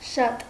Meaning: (adjective) a lot of, many, much; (adverb) very
- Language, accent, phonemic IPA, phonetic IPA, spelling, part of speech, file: Armenian, Eastern Armenian, /ʃɑt/, [ʃɑt], շատ, adjective / adverb, Hy-շատ.ogg